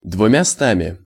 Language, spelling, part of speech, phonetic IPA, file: Russian, двумястами, numeral, [dvʊmʲɪˈstamʲɪ], Ru-двумястами.ogg
- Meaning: instrumental of две́сти (dvésti)